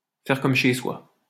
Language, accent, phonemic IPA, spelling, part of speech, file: French, France, /fɛʁ kɔm ʃe swa/, faire comme chez soi, verb, LL-Q150 (fra)-faire comme chez soi.wav
- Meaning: to make oneself at home